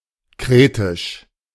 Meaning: Cretan
- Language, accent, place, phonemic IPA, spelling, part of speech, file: German, Germany, Berlin, /ˈkʁeːtɪʃ/, kretisch, adjective, De-kretisch.ogg